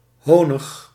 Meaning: archaic form of honing
- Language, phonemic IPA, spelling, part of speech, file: Dutch, /ˈhonɪx/, honig, noun, Nl-honig.ogg